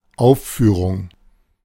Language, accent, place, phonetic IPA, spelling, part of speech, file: German, Germany, Berlin, [ˈaʊ̯ffyːʀʊŋ], Aufführung, noun, De-Aufführung.ogg
- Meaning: performance